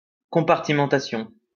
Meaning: compartmentalization
- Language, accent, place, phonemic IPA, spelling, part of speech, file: French, France, Lyon, /kɔ̃.paʁ.ti.mɑ̃.ta.sjɔ̃/, compartimentation, noun, LL-Q150 (fra)-compartimentation.wav